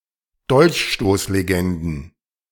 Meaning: plural of Dolchstoßlegende
- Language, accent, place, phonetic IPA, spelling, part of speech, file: German, Germany, Berlin, [ˈdɔlçʃtoːsleˌɡɛndn̩], Dolchstoßlegenden, noun, De-Dolchstoßlegenden.ogg